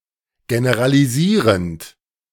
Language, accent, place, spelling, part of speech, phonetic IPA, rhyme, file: German, Germany, Berlin, generalisierend, verb, [ɡenəʁaliˈziːʁənt], -iːʁənt, De-generalisierend.ogg
- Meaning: present participle of generalisieren